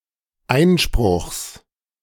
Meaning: genitive singular of Einspruch
- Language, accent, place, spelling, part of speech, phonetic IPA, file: German, Germany, Berlin, Einspruchs, noun, [ˈaɪ̯nʃpʁʊxs], De-Einspruchs.ogg